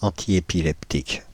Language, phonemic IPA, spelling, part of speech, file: French, /ɑ̃.ti.e.pi.lɛp.tik/, antiépileptique, adjective, Fr-antiépileptique.ogg
- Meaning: antiepileptic